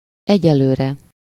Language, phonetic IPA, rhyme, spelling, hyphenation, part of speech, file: Hungarian, [ˈɛɟɛløːrɛ], -rɛ, egyelőre, egye‧lő‧re, adverb, Hu-egyelőre.ogg
- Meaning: for the time being